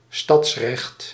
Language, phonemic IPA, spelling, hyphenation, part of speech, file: Dutch, /ˈstɑts.rɛxt/, stadsrecht, stads‧recht, noun, Nl-stadsrecht.ogg
- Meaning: town privileges, city rights